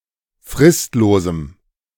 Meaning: strong dative masculine/neuter singular of fristlos
- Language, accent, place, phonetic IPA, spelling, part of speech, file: German, Germany, Berlin, [ˈfʁɪstloːzm̩], fristlosem, adjective, De-fristlosem.ogg